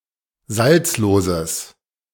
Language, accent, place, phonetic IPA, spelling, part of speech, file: German, Germany, Berlin, [ˈzalt͡sloːzəs], salzloses, adjective, De-salzloses.ogg
- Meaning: strong/mixed nominative/accusative neuter singular of salzlos